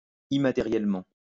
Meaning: immaterially
- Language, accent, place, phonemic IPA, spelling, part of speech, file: French, France, Lyon, /i.ma.te.ʁjɛl.mɑ̃/, immatériellement, adverb, LL-Q150 (fra)-immatériellement.wav